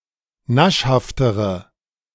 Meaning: inflection of naschhaft: 1. strong/mixed nominative/accusative feminine singular comparative degree 2. strong nominative/accusative plural comparative degree
- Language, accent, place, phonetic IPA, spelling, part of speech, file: German, Germany, Berlin, [ˈnaʃhaftəʁə], naschhaftere, adjective, De-naschhaftere.ogg